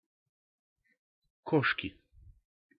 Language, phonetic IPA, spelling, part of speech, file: Russian, [ˈkoʂkʲɪ], кошки, noun, Ru-кошки.ogg
- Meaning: inflection of ко́шка (kóška): 1. genitive singular 2. nominative plural 3. inanimate accusative plural